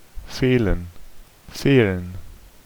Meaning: for there to be a lack [with dative ‘to someone/something’ and an (+ dative) ‘of something’] (idiomatically translated by English lack with the dative object as the subject)
- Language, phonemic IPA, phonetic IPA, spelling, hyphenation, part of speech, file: German, /ˈfeːlən/, [ˈfeːln̩], fehlen, feh‧len, verb, De-fehlen.ogg